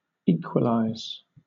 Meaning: 1. To make equal; to cause to correspond in amount or degree 2. To be equal to; to equal, to rival 3. To make the scoreline equal by scoring points
- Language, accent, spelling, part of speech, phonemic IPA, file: English, Southern England, equalize, verb, /ˈiːkwəlaɪz/, LL-Q1860 (eng)-equalize.wav